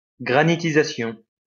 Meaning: granitization
- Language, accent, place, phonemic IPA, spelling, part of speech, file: French, France, Lyon, /ɡʁa.ni.ti.za.sjɔ̃/, granitisation, noun, LL-Q150 (fra)-granitisation.wav